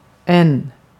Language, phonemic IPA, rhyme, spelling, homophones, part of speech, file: Swedish, /ɛnː/, -ɛnː, än, en / N / n, adverb / conjunction / noun, Sv-än.ogg
- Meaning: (adverb) 1. still, yet (of time) 2. yet (additionally) 3. no matter; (conjunction) than (in comparisons); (noun) indefinite plural of ä